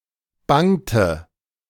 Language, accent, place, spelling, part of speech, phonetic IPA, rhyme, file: German, Germany, Berlin, bangte, verb, [ˈbaŋtə], -aŋtə, De-bangte.ogg
- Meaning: inflection of bangen: 1. first/third-person singular preterite 2. first/third-person singular subjunctive II